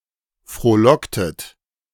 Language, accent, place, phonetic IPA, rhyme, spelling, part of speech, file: German, Germany, Berlin, [fʁoːˈlɔktət], -ɔktət, frohlocktet, verb, De-frohlocktet.ogg
- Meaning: inflection of frohlocken: 1. second-person plural preterite 2. second-person plural subjunctive II